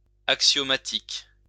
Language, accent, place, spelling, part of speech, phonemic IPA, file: French, France, Lyon, axiomatique, adjective, /ak.sjɔ.ma.tik/, LL-Q150 (fra)-axiomatique.wav
- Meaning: axiomatic